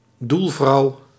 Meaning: female goalie, goal keeper
- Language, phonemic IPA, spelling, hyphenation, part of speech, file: Dutch, /ˈdul.vrɑu̯/, doelvrouw, doel‧vrouw, noun, Nl-doelvrouw.ogg